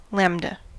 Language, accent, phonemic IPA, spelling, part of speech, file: English, US, /ˈlæm.də/, lambda, noun, En-us-lambda.ogg
- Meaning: 1. The eleventh letter of the Classical and Modern Greek alphabet, the twelfth of the Old Greek alphabet 2. Unit representation of wavelength 3. The cosmological constant 4. Ellipsis of lambda baryon